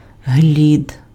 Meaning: hawthorn; any member of the genus Crataegus
- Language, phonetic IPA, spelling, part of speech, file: Ukrainian, [ɦlʲid], глід, noun, Uk-глід.ogg